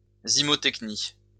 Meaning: zymotechny
- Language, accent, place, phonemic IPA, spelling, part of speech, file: French, France, Lyon, /zi.mɔ.tɛk.ni/, zymotechnie, noun, LL-Q150 (fra)-zymotechnie.wav